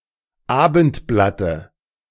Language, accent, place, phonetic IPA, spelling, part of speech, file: German, Germany, Berlin, [ˈaːbn̩tˌblatə], Abendblatte, noun, De-Abendblatte.ogg
- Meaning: dative of Abendblatt